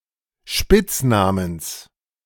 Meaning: genitive of Spitzname
- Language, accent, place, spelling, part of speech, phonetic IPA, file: German, Germany, Berlin, Spitznamens, noun, [ˈʃpɪt͡sˌnaːməns], De-Spitznamens.ogg